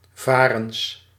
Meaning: plural of varen
- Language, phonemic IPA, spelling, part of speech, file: Dutch, /ˈvarəns/, varens, noun, Nl-varens.ogg